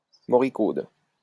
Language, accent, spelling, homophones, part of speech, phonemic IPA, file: French, France, moricaude, moricaudes, adjective, /mɔ.ʁi.kod/, LL-Q150 (fra)-moricaude.wav
- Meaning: feminine singular of moricaud